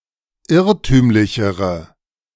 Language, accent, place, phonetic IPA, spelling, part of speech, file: German, Germany, Berlin, [ˈɪʁtyːmlɪçəʁə], irrtümlichere, adjective, De-irrtümlichere.ogg
- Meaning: inflection of irrtümlich: 1. strong/mixed nominative/accusative feminine singular comparative degree 2. strong nominative/accusative plural comparative degree